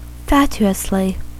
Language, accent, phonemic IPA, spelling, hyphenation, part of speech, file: English, US, /ˈfæt͡ʃ.u.əs.li/, fatuously, fat‧u‧ous‧ly, adverb, En-us-fatuously.ogg
- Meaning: With smug stupidity or vacuous silliness; idiotically